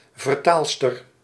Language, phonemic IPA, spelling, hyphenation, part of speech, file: Dutch, /vərˈtaːl.stər/, vertaalster, ver‧taal‧ster, noun, Nl-vertaalster.ogg
- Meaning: female translator